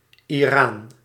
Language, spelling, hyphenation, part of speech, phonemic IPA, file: Dutch, Iraans, Iraans, adjective, /iˈraːns/, Nl-Iraans.ogg
- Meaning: Iranian